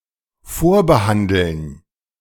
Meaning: to pre-treat
- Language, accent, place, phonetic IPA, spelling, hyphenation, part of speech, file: German, Germany, Berlin, [ˈfoːɐ̯ˌhandl̩n], vorbehandeln, vor‧be‧han‧deln, verb, De-vorbehandeln.ogg